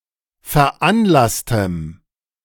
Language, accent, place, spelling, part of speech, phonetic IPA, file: German, Germany, Berlin, veranlasstem, adjective, [fɛɐ̯ˈʔanˌlastəm], De-veranlasstem.ogg
- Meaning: strong dative masculine/neuter singular of veranlasst